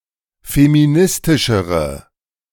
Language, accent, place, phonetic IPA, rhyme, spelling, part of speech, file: German, Germany, Berlin, [femiˈnɪstɪʃəʁə], -ɪstɪʃəʁə, feministischere, adjective, De-feministischere.ogg
- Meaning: inflection of feministisch: 1. strong/mixed nominative/accusative feminine singular comparative degree 2. strong nominative/accusative plural comparative degree